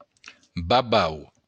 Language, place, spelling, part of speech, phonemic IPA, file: Occitan, Béarn, babau, adjective / noun, /ba.ˈbaw/, LL-Q14185 (oci)-babau.wav
- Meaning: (adjective) stupid, idiotic; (noun) 1. bug, insect 2. seven-spot ladybird 3. bogeyman